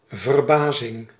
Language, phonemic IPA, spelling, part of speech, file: Dutch, /vərˈbazɪŋ/, verbazing, noun, Nl-verbazing.ogg
- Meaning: amazement